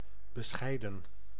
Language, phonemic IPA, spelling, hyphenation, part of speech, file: Dutch, /bəˈsxɛi̯də(n)/, bescheiden, be‧schei‧den, adjective / verb / noun, Nl-bescheiden.ogg
- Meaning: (adjective) 1. modest, humble, unassuming 2. reasonable, sound, rational; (verb) 1. to apportion, to allot 2. to invite; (noun) plural of bescheid